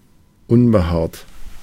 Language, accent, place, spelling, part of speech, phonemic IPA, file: German, Germany, Berlin, unbehaart, adjective, /ˈʊnbəˌhaːɐ̯t/, De-unbehaart.ogg
- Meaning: hairless, bald